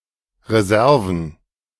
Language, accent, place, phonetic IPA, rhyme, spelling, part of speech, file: German, Germany, Berlin, [ʁeˈzɛʁvn̩], -ɛʁvn̩, Reserven, noun, De-Reserven.ogg
- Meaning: plural of Reserve